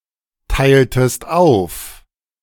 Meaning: inflection of aufteilen: 1. second-person singular preterite 2. second-person singular subjunctive II
- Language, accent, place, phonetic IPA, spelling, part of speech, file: German, Germany, Berlin, [ˌtaɪ̯ltəst ˈaʊ̯f], teiltest auf, verb, De-teiltest auf.ogg